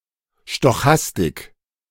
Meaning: stochastics
- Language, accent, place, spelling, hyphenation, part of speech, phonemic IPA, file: German, Germany, Berlin, Stochastik, Sto‧chas‧tik, noun, /ʃtɔˈxastɪk/, De-Stochastik.ogg